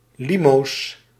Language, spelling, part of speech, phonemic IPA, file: Dutch, limo's, noun, /ˈlimos/, Nl-limo's.ogg
- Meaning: plural of limo